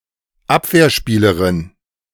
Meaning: female defender
- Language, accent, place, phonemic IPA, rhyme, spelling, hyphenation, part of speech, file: German, Germany, Berlin, /ˈap.vɛɐ̯ˌʃpiːləʁɪn/, -iːləʁɪn, Abwehrspielerin, Ab‧wehr‧spie‧le‧rin, noun, De-Abwehrspielerin.ogg